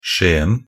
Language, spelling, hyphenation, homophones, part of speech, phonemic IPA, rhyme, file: Norwegian Bokmål, Skien, Ski‧en, skjeen, proper noun, /²ʃeːn̩/, -eːn̩, Nb-skien.ogg
- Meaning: Skien (a municipality and city in Vestfold og Telemark, Eastern Norway, Norway)